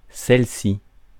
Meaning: feminine singular of celui-ci: this one, the latter
- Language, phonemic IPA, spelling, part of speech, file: French, /sɛl.si/, celle-ci, pronoun, Fr-celle-ci.ogg